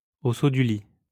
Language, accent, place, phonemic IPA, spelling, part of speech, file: French, France, Lyon, /o so dy li/, au saut du lit, prepositional phrase, LL-Q150 (fra)-au saut du lit.wav
- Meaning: as soon as one wakes up, as soon as one gets up, early in the morning, at the crack of dawn